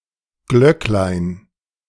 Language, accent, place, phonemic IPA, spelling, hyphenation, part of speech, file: German, Germany, Berlin, /ˈɡlœk.laɪ̯n/, Glöcklein, Glöck‧lein, noun, De-Glöcklein.ogg
- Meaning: diminutive of Glocke (“bell”)